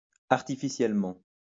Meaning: artificially
- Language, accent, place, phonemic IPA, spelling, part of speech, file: French, France, Lyon, /aʁ.ti.fi.sjɛl.mɑ̃/, artificiellement, adverb, LL-Q150 (fra)-artificiellement.wav